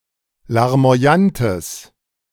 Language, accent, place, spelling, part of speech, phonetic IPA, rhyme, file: German, Germany, Berlin, larmoyantes, adjective, [laʁmo̯aˈjantəs], -antəs, De-larmoyantes.ogg
- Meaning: strong/mixed nominative/accusative neuter singular of larmoyant